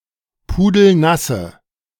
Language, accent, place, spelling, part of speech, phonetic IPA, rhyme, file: German, Germany, Berlin, pudelnasse, adjective, [ˌpuːdl̩ˈnasə], -asə, De-pudelnasse.ogg
- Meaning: inflection of pudelnass: 1. strong/mixed nominative/accusative feminine singular 2. strong nominative/accusative plural 3. weak nominative all-gender singular